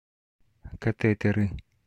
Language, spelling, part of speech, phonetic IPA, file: Russian, катетеры, noun, [kɐˈtɛtɨrɨ], Ru-катетеры.ogg
- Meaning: nominative/accusative plural of кате́тер (katɛ́tɛr)